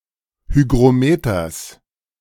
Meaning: genitive singular of Hygrometer
- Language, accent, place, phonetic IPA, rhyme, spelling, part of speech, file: German, Germany, Berlin, [ˌhyɡʁoˈmeːtɐs], -eːtɐs, Hygrometers, noun, De-Hygrometers.ogg